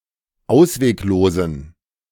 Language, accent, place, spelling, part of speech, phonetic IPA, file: German, Germany, Berlin, ausweglosen, adjective, [ˈaʊ̯sveːkˌloːzn̩], De-ausweglosen.ogg
- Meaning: inflection of ausweglos: 1. strong genitive masculine/neuter singular 2. weak/mixed genitive/dative all-gender singular 3. strong/weak/mixed accusative masculine singular 4. strong dative plural